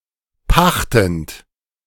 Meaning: present participle of pachten
- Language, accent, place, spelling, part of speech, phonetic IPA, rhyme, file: German, Germany, Berlin, pachtend, verb, [ˈpaxtn̩t], -axtn̩t, De-pachtend.ogg